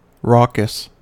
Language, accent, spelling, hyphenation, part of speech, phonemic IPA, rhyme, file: English, US, raucous, raucous, adjective, /ˈɹɔkəs/, -ɔːkəs, En-us-raucous.ogg
- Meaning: 1. Harsh and rough-sounding 2. Disorderly and boisterous 3. Loud and annoying